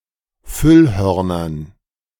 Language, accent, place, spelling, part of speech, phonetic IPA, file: German, Germany, Berlin, Füllhörnern, noun, [ˈfʏlˌhœʁnɐn], De-Füllhörnern.ogg
- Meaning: dative plural of Füllhorn